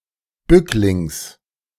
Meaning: genitive singular of Bückling
- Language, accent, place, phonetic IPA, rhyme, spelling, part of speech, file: German, Germany, Berlin, [ˈbʏklɪŋs], -ʏklɪŋs, Bücklings, noun, De-Bücklings.ogg